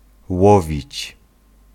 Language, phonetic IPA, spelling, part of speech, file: Polish, [ˈwɔvʲit͡ɕ], łowić, verb, Pl-łowić.ogg